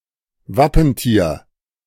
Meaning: heraldic animal (colloquially used)
- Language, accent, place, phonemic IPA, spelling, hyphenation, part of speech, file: German, Germany, Berlin, /ˈvapənˌtiːɐ̯/, Wappentier, Wap‧pen‧tier, noun, De-Wappentier.ogg